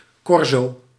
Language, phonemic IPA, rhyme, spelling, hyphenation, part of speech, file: Dutch, /ˈkɔr.soː/, -ɔrsoː, corso, cor‧so, noun, Nl-corso.ogg
- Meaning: parade